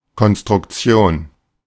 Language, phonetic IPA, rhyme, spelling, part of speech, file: German, [kɔnstʁʊkˈt͡si̯oːn], -oːn, Konstruktion, noun, De-Konstruktion.oga
- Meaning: construction